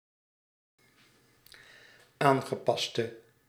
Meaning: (adjective) inflection of aangepast: 1. masculine/feminine singular attributive 2. definite neuter singular attributive 3. plural attributive
- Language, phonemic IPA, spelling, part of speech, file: Dutch, /ˈaŋɣəˌpɑstə/, aangepaste, verb / adjective, Nl-aangepaste.ogg